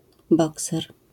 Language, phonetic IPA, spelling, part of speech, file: Polish, [ˈbɔksɛr], bokser, noun, LL-Q809 (pol)-bokser.wav